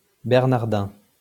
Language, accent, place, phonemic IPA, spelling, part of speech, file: French, France, Lyon, /bɛʁ.naʁ.dɛ̃/, bernardin, adjective / noun, LL-Q150 (fra)-bernardin.wav
- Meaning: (adjective) Bernardine